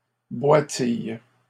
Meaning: inflection of boitiller: 1. first/third-person singular present indicative/subjunctive 2. second-person singular imperative
- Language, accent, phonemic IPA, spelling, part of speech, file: French, Canada, /bwa.tij/, boitille, verb, LL-Q150 (fra)-boitille.wav